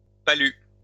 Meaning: malaria
- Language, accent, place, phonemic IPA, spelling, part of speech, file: French, France, Lyon, /pa.ly/, palu, noun, LL-Q150 (fra)-palu.wav